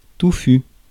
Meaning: 1. tufted, clumped 2. heavy, overly done
- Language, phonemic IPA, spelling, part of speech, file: French, /tu.fy/, touffu, adjective, Fr-touffu.ogg